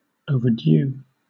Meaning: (adjective) Late; especially, past a deadline or too late to fulfill a need; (noun) A borrowed item (such as a library book) that has not been returned on time
- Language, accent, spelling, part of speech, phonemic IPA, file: English, Southern England, overdue, adjective / noun, /ˌəʊ.vəˈdju/, LL-Q1860 (eng)-overdue.wav